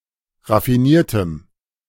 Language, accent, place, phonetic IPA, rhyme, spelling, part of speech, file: German, Germany, Berlin, [ʁafiˈniːɐ̯təm], -iːɐ̯təm, raffiniertem, adjective, De-raffiniertem.ogg
- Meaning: strong dative masculine/neuter singular of raffiniert